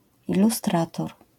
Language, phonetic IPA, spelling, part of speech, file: Polish, [ˌiluˈstratɔr], ilustrator, noun, LL-Q809 (pol)-ilustrator.wav